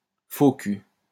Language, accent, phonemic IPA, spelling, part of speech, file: French, France, /fo ky/, faux cul, noun, LL-Q150 (fra)-faux cul.wav
- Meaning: hypocrite, phony